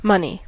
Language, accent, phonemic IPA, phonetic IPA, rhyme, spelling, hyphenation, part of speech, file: English, US, /ˈmʌn.i/, [ˈmɐni], -ʌni, money, mon‧ey, noun / adjective, En-us-money.ogg
- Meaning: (noun) 1. A generally accepted means of exchange 2. A currency maintained by a state or other entity which can guarantee its value (such as a monetary union)